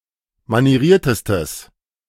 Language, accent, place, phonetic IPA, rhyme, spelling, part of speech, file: German, Germany, Berlin, [maniˈʁiːɐ̯təstəs], -iːɐ̯təstəs, manieriertestes, adjective, De-manieriertestes.ogg
- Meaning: strong/mixed nominative/accusative neuter singular superlative degree of manieriert